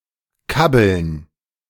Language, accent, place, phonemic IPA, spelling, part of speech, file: German, Germany, Berlin, /kabl̩n/, kabbeln, verb, De-kabbeln.ogg
- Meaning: to tease each other, to fight with each other in a not dangerous way